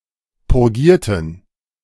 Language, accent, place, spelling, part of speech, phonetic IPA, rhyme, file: German, Germany, Berlin, purgierten, adjective / verb, [pʊʁˈɡiːɐ̯tn̩], -iːɐ̯tn̩, De-purgierten.ogg
- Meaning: inflection of purgieren: 1. first/third-person plural preterite 2. first/third-person plural subjunctive II